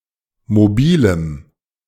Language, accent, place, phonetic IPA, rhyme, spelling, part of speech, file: German, Germany, Berlin, [moˈbiːləm], -iːləm, mobilem, adjective, De-mobilem.ogg
- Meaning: strong dative masculine/neuter singular of mobil